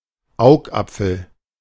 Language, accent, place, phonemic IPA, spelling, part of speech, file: German, Germany, Berlin, /ˈaʊ̯kˌʔapfl̩/, Augapfel, noun, De-Augapfel.ogg
- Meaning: 1. eyeball 2. apple of someone's eye